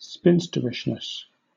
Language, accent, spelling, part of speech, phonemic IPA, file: English, Southern England, spinsterishness, noun, /ˈspɪnst(ə)ɹɪʃnəs/, LL-Q1860 (eng)-spinsterishness.wav
- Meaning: The state or quality of being spinsterish